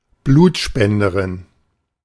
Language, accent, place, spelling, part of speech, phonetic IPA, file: German, Germany, Berlin, Blutspenderin, noun, [ˈbluːtʃpɛndəˌʁɪn], De-Blutspenderin.ogg
- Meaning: A female blood donor